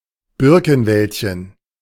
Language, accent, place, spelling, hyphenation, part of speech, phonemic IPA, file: German, Germany, Berlin, Birkenwäldchen, Bir‧ken‧wäld‧chen, noun, /ˈbɪʁkənˌvɛltçən/, De-Birkenwäldchen.ogg
- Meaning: diminutive of Birkenwald